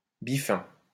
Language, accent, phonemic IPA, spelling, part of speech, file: French, France, /bi.fɛ̃/, biffin, noun, LL-Q150 (fra)-biffin.wav
- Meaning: 1. chiffonier 2. infantryman